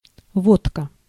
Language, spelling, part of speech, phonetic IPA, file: Russian, водка, noun, [ˈvotkə], Ru-водка.ogg
- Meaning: 1. vodka 2. flavored liquor, liqueur 3. tincture (a solution of some substance in alcohol for use in medicine or cosmetics) 4. aqua, acid